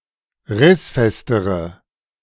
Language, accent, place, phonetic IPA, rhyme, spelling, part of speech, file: German, Germany, Berlin, [ˈʁɪsˌfɛstəʁə], -ɪsfɛstəʁə, rissfestere, adjective, De-rissfestere.ogg
- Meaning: inflection of rissfest: 1. strong/mixed nominative/accusative feminine singular comparative degree 2. strong nominative/accusative plural comparative degree